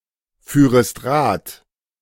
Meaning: second-person singular subjunctive II of Rad fahren
- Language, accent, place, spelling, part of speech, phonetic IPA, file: German, Germany, Berlin, führest Rad, verb, [ˌfyːʁəst ˈʁaːt], De-führest Rad.ogg